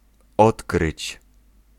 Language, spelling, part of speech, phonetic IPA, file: Polish, odkryć, verb, [ˈɔtkrɨt͡ɕ], Pl-odkryć.ogg